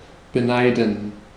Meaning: 1. to envy 2. to begrudge someone something
- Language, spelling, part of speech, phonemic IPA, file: German, beneiden, verb, /bəˈnaɪ̯dən/, De-beneiden.ogg